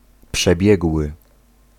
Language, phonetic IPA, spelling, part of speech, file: Polish, [pʃɛˈbʲjɛɡwɨ], przebiegły, adjective / verb, Pl-przebiegły.ogg